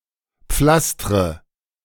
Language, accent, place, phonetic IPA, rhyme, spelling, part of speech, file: German, Germany, Berlin, [ˈp͡flastʁə], -astʁə, pflastre, verb, De-pflastre.ogg
- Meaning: inflection of pflastern: 1. first-person singular present 2. first/third-person singular subjunctive I 3. singular imperative